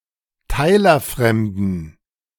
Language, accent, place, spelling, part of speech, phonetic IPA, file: German, Germany, Berlin, teilerfremden, adjective, [ˈtaɪ̯lɐˌfʁɛmdn̩], De-teilerfremden.ogg
- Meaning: inflection of teilerfremd: 1. strong genitive masculine/neuter singular 2. weak/mixed genitive/dative all-gender singular 3. strong/weak/mixed accusative masculine singular 4. strong dative plural